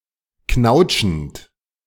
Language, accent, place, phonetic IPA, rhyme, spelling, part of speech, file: German, Germany, Berlin, [ˈknaʊ̯t͡ʃn̩t], -aʊ̯t͡ʃn̩t, knautschend, verb, De-knautschend.ogg
- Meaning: present participle of knautschen